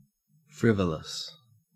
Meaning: Silly, especially at an inappropriate time or in an inappropriate manner; lacking a good reason for being, or for doing what one does; due to or moved by a caprice or whim
- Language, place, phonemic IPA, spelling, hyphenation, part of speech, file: English, Queensland, /ˈfɹɪv.ə.ləs/, frivolous, friv‧o‧lous, adjective, En-au-frivolous.ogg